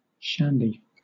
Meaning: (noun) 1. A drink made by mixing beer and lemonade 2. A glass of this drink; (adjective) wild, energetic, romping, boisterous, rambunctious
- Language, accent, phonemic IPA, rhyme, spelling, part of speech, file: English, Southern England, /ˈʃændi/, -ændi, shandy, noun / adjective, LL-Q1860 (eng)-shandy.wav